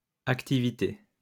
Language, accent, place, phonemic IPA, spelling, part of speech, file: French, France, Lyon, /ak.ti.vi.te/, activités, noun, LL-Q150 (fra)-activités.wav
- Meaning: plural of activité